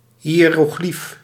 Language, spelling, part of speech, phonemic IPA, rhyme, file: Dutch, hiëroglief, noun, /ˌɦi.roːˈxlif/, -if, Nl-hiëroglief.ogg
- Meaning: hieroglyph